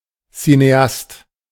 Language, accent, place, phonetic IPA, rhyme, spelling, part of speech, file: German, Germany, Berlin, [sineˈast], -ast, Cineast, noun, De-Cineast.ogg
- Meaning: cineast